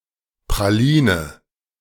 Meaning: chocolate praline, (Belgian) chocolate (bite-sized piece of chocolate with a filling, which may but need not contain nuts)
- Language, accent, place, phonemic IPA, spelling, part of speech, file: German, Germany, Berlin, /pʁaˈliːnə/, Praline, noun, De-Praline.ogg